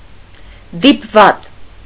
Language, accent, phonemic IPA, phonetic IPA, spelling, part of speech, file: Armenian, Eastern Armenian, /dipˈvɑt͡s/, [dipvɑ́t͡s], դիպված, noun, Hy-դիպված.ogg
- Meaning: 1. chance, coincidence, accident, luck 2. event, circumstance, incident, occurrence